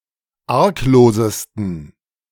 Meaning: 1. superlative degree of arglos 2. inflection of arglos: strong genitive masculine/neuter singular superlative degree
- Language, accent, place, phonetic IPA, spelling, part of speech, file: German, Germany, Berlin, [ˈaʁkˌloːzəstn̩], arglosesten, adjective, De-arglosesten.ogg